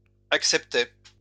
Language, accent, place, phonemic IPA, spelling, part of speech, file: French, France, Lyon, /ak.sɛp.te/, acceptai, verb, LL-Q150 (fra)-acceptai.wav
- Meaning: first-person singular past historic of accepter